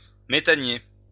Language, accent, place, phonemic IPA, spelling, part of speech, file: French, France, Lyon, /me.ta.nje/, méthanier, adjective / noun, LL-Q150 (fra)-méthanier.wav
- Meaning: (adjective) LNG, liquefied natural gas; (noun) LNG carrier